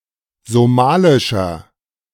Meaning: inflection of somalisch: 1. strong/mixed nominative masculine singular 2. strong genitive/dative feminine singular 3. strong genitive plural
- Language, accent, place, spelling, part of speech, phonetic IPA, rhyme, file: German, Germany, Berlin, somalischer, adjective, [zoˈmaːlɪʃɐ], -aːlɪʃɐ, De-somalischer.ogg